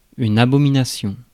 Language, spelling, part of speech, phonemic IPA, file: French, abomination, noun, /a.bɔ.mi.na.sjɔ̃/, Fr-abomination.ogg
- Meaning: 1. something vile and abominable; an abomination 2. revulsion, abomination, disgust